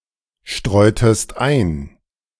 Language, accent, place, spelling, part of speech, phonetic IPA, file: German, Germany, Berlin, streutest ein, verb, [ˌʃtʁɔɪ̯təst ˈaɪ̯n], De-streutest ein.ogg
- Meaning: inflection of einstreuen: 1. second-person singular preterite 2. second-person singular subjunctive II